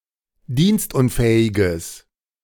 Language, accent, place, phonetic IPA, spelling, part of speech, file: German, Germany, Berlin, [ˈdiːnstˌʔʊnfɛːɪɡəs], dienstunfähiges, adjective, De-dienstunfähiges.ogg
- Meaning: strong/mixed nominative/accusative neuter singular of dienstunfähig